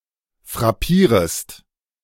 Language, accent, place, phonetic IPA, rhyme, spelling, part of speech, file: German, Germany, Berlin, [fʁaˈpiːʁəst], -iːʁəst, frappierest, verb, De-frappierest.ogg
- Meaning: second-person singular subjunctive I of frappieren